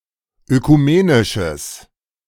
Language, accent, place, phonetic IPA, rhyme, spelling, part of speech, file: German, Germany, Berlin, [økuˈmeːnɪʃəs], -eːnɪʃəs, ökumenisches, adjective, De-ökumenisches.ogg
- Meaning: strong/mixed nominative/accusative neuter singular of ökumenisch